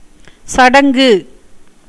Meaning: 1. rite, ceremony 2. a ceremony performed at the pubescence of a girl 3. nuptials, consummation
- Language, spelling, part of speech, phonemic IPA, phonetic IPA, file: Tamil, சடங்கு, noun, /tʃɐɖɐŋɡɯ/, [sɐɖɐŋɡɯ], Ta-சடங்கு.ogg